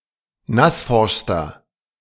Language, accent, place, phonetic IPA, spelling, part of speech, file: German, Germany, Berlin, [ˈnasˌfɔʁʃstɐ], nassforschster, adjective, De-nassforschster.ogg
- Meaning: inflection of nassforsch: 1. strong/mixed nominative masculine singular superlative degree 2. strong genitive/dative feminine singular superlative degree 3. strong genitive plural superlative degree